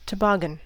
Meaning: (noun) A long sled without runners, with the front end curled upwards, which may be pulled across snow by a cord or used to coast down hills
- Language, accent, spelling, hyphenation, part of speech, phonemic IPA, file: English, US, toboggan, to‧bog‧gan, noun / verb, /təˈbɑːɡ.ən/, En-us-toboggan.ogg